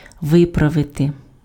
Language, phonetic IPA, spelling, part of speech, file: Ukrainian, [ˈʋɪprɐʋete], виправити, verb, Uk-виправити.ogg
- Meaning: 1. to correct 2. to rectify, to put right, to straighten out